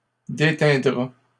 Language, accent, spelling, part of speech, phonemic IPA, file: French, Canada, déteindra, verb, /de.tɛ̃.dʁa/, LL-Q150 (fra)-déteindra.wav
- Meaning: third-person singular simple future of déteindre